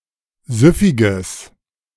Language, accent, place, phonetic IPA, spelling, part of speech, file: German, Germany, Berlin, [ˈzʏfɪɡəs], süffiges, adjective, De-süffiges.ogg
- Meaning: strong/mixed nominative/accusative neuter singular of süffig